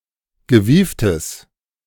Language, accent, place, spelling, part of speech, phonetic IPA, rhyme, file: German, Germany, Berlin, gewieftes, adjective, [ɡəˈviːftəs], -iːftəs, De-gewieftes.ogg
- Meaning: strong/mixed nominative/accusative neuter singular of gewieft